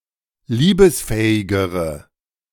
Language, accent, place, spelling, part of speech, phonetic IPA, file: German, Germany, Berlin, liebesfähigere, adjective, [ˈliːbəsˌfɛːɪɡəʁə], De-liebesfähigere.ogg
- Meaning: inflection of liebesfähig: 1. strong/mixed nominative/accusative feminine singular comparative degree 2. strong nominative/accusative plural comparative degree